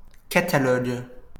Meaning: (noun) a systematical catalogue; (verb) inflection of cataloguer: 1. first/third-person singular present indicative/subjunctive 2. second-person singular imperative
- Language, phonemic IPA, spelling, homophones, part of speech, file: French, /ka.ta.lɔɡ/, catalogue, catalogues, noun / verb, LL-Q150 (fra)-catalogue.wav